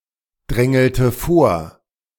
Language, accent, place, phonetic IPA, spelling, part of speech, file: German, Germany, Berlin, [ˌdʁɛŋl̩tə ˈfoːɐ̯], drängelte vor, verb, De-drängelte vor.ogg
- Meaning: inflection of vordrängeln: 1. first/third-person singular preterite 2. first/third-person singular subjunctive II